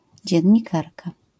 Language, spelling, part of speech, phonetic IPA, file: Polish, dziennikarka, noun, [ˌd͡ʑɛ̇̃ɲːiˈkarka], LL-Q809 (pol)-dziennikarka.wav